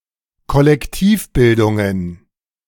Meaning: plural of Kollektivbildung
- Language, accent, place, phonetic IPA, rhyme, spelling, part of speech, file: German, Germany, Berlin, [kɔlɛkˈtiːfˌbɪldʊŋən], -iːfbɪldʊŋən, Kollektivbildungen, noun, De-Kollektivbildungen.ogg